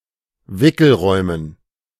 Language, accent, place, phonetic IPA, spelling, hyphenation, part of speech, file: German, Germany, Berlin, [ˈvɪkl̩ˌʁɔɪ̯mən], Wickelräumen, Wi‧ckel‧räu‧men, noun, De-Wickelräumen.ogg
- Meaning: dative plural of Wickelraum